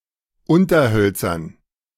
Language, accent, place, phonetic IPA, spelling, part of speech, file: German, Germany, Berlin, [ˈʊntɐˌhœlt͡sɐn], Unterhölzern, noun, De-Unterhölzern.ogg
- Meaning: dative plural of Unterholz